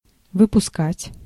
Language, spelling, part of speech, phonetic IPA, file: Russian, выпускать, verb, [vɨpʊˈskatʲ], Ru-выпускать.ogg
- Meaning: 1. to let out, to let go, to release, to set free 2. to launch, to shoot (a missile, a rocket) 3. to deliver, to release (a film) 4. to produce, to manufacture, to output, to turn out